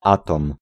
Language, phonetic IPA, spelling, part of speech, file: Polish, [ˈatɔ̃m], atom, noun, Pl-atom.ogg